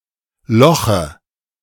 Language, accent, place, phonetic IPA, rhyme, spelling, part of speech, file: German, Germany, Berlin, [ˈlɔxə], -ɔxə, loche, verb, De-loche.ogg
- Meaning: inflection of lochen: 1. first-person singular present 2. singular imperative 3. first/third-person singular subjunctive I